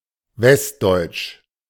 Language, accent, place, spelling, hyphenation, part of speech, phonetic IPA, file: German, Germany, Berlin, westdeutsch, west‧deutsch, adjective, [ˈvɛstˌdɔɪ̯tʃ], De-westdeutsch.ogg
- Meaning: western German (from or pertaining to western Germany or the people, the culture or the dialects of this region)